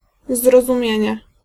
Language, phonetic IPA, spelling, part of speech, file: Polish, [ˌzrɔzũˈmʲjɛ̇̃ɲɛ], zrozumienie, noun, Pl-zrozumienie.ogg